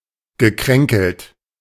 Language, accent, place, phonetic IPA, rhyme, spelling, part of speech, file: German, Germany, Berlin, [ɡəˈkʁɛŋkl̩t], -ɛŋkl̩t, gekränkelt, verb, De-gekränkelt.ogg
- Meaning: past participle of kränkeln